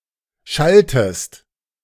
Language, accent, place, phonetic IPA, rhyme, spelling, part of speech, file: German, Germany, Berlin, [ˈʃaltəst], -altəst, schaltest, verb, De-schaltest.ogg
- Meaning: inflection of schalten: 1. second-person singular present 2. second-person singular subjunctive I